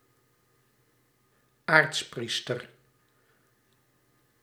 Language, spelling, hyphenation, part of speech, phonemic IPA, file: Dutch, aartspriester, aarts‧pries‧ter, noun, /ˈaːrtsˌpris.tər/, Nl-aartspriester.ogg
- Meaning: archpriest